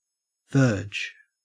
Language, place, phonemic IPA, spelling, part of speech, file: English, Queensland, /vɜːd͡ʒ/, verge, noun / verb, En-au-verge.ogg
- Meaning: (noun) A rod or staff of office, e.g. of a verger